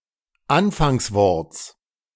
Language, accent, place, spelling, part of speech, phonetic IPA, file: German, Germany, Berlin, Anfangsworts, noun, [ˈanfaŋsˌvɔʁt͡s], De-Anfangsworts.ogg
- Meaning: genitive singular of Anfangswort